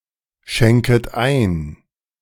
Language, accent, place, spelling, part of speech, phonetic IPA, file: German, Germany, Berlin, schenket ein, verb, [ˌʃɛŋkət ˈaɪ̯n], De-schenket ein.ogg
- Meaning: second-person plural subjunctive I of einschenken